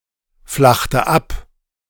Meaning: inflection of abflachen: 1. first/third-person singular preterite 2. first/third-person singular subjunctive II
- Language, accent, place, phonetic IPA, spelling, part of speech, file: German, Germany, Berlin, [ˌflaxtə ˈap], flachte ab, verb, De-flachte ab.ogg